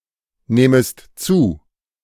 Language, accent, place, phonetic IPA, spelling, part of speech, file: German, Germany, Berlin, [ˌnɛːməst ˈt͡suː], nähmest zu, verb, De-nähmest zu.ogg
- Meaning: second-person singular subjunctive II of zunehmen